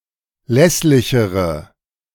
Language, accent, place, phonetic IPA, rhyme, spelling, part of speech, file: German, Germany, Berlin, [ˈlɛslɪçəʁə], -ɛslɪçəʁə, lässlichere, adjective, De-lässlichere.ogg
- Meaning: inflection of lässlich: 1. strong/mixed nominative/accusative feminine singular comparative degree 2. strong nominative/accusative plural comparative degree